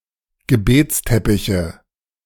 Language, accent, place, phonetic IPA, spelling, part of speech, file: German, Germany, Berlin, [ɡəˈbeːt͡sˌtɛpɪçə], Gebetsteppiche, noun, De-Gebetsteppiche.ogg
- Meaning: nominative/accusative/genitive plural of Gebetsteppich